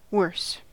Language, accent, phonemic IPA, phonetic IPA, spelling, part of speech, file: English, US, /wɝs/, [wəɪs], worse, adjective / adverb / noun / verb, En-us-worse.ogg
- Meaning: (adjective) comparative form of bad: more bad; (adverb) 1. comparative form of badly (adverb): more badly 2. Less skillfully 3. More severely or seriously